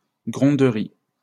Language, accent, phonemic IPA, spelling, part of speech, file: French, France, /ɡʁɔ̃.dʁi/, gronderie, noun, LL-Q150 (fra)-gronderie.wav
- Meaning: scolding